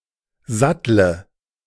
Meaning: inflection of satteln: 1. first-person singular present 2. singular imperative 3. first/third-person singular subjunctive I
- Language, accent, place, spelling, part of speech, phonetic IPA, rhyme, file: German, Germany, Berlin, sattle, verb, [ˈzatlə], -atlə, De-sattle.ogg